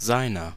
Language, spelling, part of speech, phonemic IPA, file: German, seiner, pronoun / determiner, /ˈzaɪ̯nɐ/, De-seiner.ogg
- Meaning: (pronoun) 1. his (substantival possessive) 2. genitive of er 3. genitive of es; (determiner) inflection of sein: 1. genitive/dative feminine singular 2. genitive plural